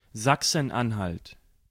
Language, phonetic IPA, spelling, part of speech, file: German, [ˌzaksən ˈanhalt], Sachsen-Anhalt, proper noun, De-Sachsen-Anhalt.ogg
- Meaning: Saxony-Anhalt (a state in central Germany)